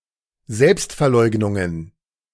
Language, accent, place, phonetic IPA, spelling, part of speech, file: German, Germany, Berlin, [ˈzɛlpstfɛɐ̯ˌlɔɪ̯ɡnʊŋən], Selbstverleugnungen, noun, De-Selbstverleugnungen.ogg
- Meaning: plural of Selbstverleugnung